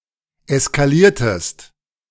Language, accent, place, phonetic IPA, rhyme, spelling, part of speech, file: German, Germany, Berlin, [ɛskaˈliːɐ̯təst], -iːɐ̯təst, eskaliertest, verb, De-eskaliertest.ogg
- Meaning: inflection of eskalieren: 1. second-person singular preterite 2. second-person singular subjunctive II